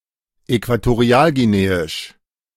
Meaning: Equatorial Guinean (of, from, or pertaining to Equatorial Guinea, the Equatorial Guinean people or the Equatorial Guinean culture)
- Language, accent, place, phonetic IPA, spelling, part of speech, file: German, Germany, Berlin, [ˌɛkvatoˈʁi̯aːlɡiˌneːɪʃ], äquatorialguineisch, adjective, De-äquatorialguineisch.ogg